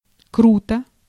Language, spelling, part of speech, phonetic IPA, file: Russian, круто, adverb / interjection / adjective, [ˈkrutə], Ru-круто.ogg
- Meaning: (adverb) 1. steeply 2. abruptly 3. cool, smart, awesome; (interjection) cool, awesome; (adjective) short neuter singular of круто́й (krutój)